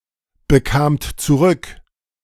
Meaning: second-person plural preterite of zurückbekommen
- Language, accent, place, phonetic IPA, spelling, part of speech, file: German, Germany, Berlin, [bəˌkaːmt t͡suˈʁʏk], bekamt zurück, verb, De-bekamt zurück.ogg